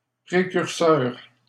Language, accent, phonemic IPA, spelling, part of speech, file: French, Canada, /pʁe.kyʁ.sœʁ/, précurseur, adjective / noun, LL-Q150 (fra)-précurseur.wav
- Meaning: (adjective) precursory; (noun) 1. precursor, forerunner 2. precursor